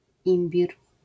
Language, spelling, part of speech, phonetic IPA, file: Polish, imbir, noun, [ˈĩmbʲir], LL-Q809 (pol)-imbir.wav